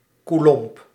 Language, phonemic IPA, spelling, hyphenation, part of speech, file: Dutch, /kuˈlɔm(p)/, coulomb, cou‧lomb, noun, Nl-coulomb.ogg
- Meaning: coulomb (unit of electric charge)